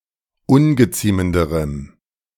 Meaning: strong dative masculine/neuter singular comparative degree of ungeziemend
- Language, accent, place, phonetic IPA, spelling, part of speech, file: German, Germany, Berlin, [ˈʊnɡəˌt͡siːməndəʁəm], ungeziemenderem, adjective, De-ungeziemenderem.ogg